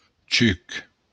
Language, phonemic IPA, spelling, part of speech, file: Occitan, /t͡ʃyk/, chuc, noun, LL-Q942602-chuc.wav
- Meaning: juice (liquid produced by a fruit)